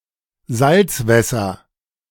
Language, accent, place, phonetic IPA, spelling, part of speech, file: German, Germany, Berlin, [ˈzalt͡sˌvɛsɐ], Salzwässer, noun, De-Salzwässer.ogg
- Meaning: nominative/accusative/genitive plural of Salzwasser